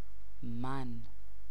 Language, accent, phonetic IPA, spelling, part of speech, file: Persian, Iran, [mæn], من, pronoun, Fa-من.ogg
- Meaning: 1. I 2. me 3. my